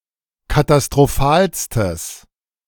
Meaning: strong/mixed nominative/accusative neuter singular superlative degree of katastrophal
- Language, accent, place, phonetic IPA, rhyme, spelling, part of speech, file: German, Germany, Berlin, [katastʁoˈfaːlstəs], -aːlstəs, katastrophalstes, adjective, De-katastrophalstes.ogg